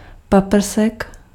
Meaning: ray (beam of light)
- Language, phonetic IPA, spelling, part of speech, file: Czech, [ˈpapr̩sɛk], paprsek, noun, Cs-paprsek.ogg